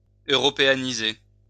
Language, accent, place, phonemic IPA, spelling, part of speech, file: French, France, Lyon, /ø.ʁɔ.pe.a.ni.ze/, européaniser, verb, LL-Q150 (fra)-européaniser.wav
- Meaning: to Europeanize